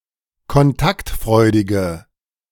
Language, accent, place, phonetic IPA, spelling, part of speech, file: German, Germany, Berlin, [kɔnˈtaktˌfʁɔɪ̯dɪɡə], kontaktfreudige, adjective, De-kontaktfreudige.ogg
- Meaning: inflection of kontaktfreudig: 1. strong/mixed nominative/accusative feminine singular 2. strong nominative/accusative plural 3. weak nominative all-gender singular